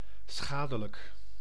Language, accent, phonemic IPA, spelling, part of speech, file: Dutch, Netherlands, /ˈsxaː.də.lək/, schadelijk, adjective, Nl-schadelijk.ogg
- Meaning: harmful, damaging, detrimental, pernicious, noisome